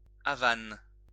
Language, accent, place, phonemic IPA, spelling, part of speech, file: French, France, Lyon, /a.van/, havane, noun, LL-Q150 (fra)-havane.wav
- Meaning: Havana cigar